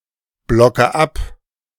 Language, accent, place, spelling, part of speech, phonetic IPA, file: German, Germany, Berlin, blocke ab, verb, [ˌblɔkə ˈap], De-blocke ab.ogg
- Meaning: inflection of abblocken: 1. first-person singular present 2. first/third-person singular subjunctive I 3. singular imperative